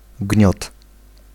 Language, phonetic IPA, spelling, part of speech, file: Polish, [ɟɲɔt], gniot, noun, Pl-gniot.ogg